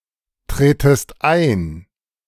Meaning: second-person singular subjunctive I of eintreten
- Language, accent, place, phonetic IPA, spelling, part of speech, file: German, Germany, Berlin, [ˌtʁeːtəst ˈaɪ̯n], tretest ein, verb, De-tretest ein.ogg